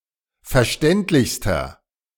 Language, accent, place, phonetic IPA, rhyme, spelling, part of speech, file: German, Germany, Berlin, [fɛɐ̯ˈʃtɛntlɪçstɐ], -ɛntlɪçstɐ, verständlichster, adjective, De-verständlichster.ogg
- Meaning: inflection of verständlich: 1. strong/mixed nominative masculine singular superlative degree 2. strong genitive/dative feminine singular superlative degree 3. strong genitive plural superlative degree